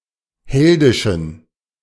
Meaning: inflection of heldisch: 1. strong genitive masculine/neuter singular 2. weak/mixed genitive/dative all-gender singular 3. strong/weak/mixed accusative masculine singular 4. strong dative plural
- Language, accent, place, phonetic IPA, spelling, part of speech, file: German, Germany, Berlin, [ˈhɛldɪʃn̩], heldischen, adjective, De-heldischen.ogg